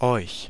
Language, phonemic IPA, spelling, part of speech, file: German, /ɔɪ̯ç/, euch, pronoun, De-euch.ogg
- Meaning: accusative and dative of ihr; you, yourselves